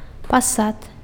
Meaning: throne
- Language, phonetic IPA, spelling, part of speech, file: Belarusian, [paˈsat], пасад, noun, Be-пасад.ogg